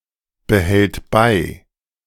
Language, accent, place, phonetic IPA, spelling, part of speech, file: German, Germany, Berlin, [bəˌhɛlt ˈbaɪ̯], behält bei, verb, De-behält bei.ogg
- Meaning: third-person singular present of beibehalten